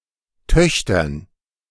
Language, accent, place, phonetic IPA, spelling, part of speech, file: German, Germany, Berlin, [ˈtœçtɐn], Töchtern, noun, De-Töchtern.ogg
- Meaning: dative plural of Tochter